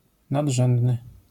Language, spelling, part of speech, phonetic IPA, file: Polish, nadrzędny, adjective, [naḍˈʒɛ̃ndnɨ], LL-Q809 (pol)-nadrzędny.wav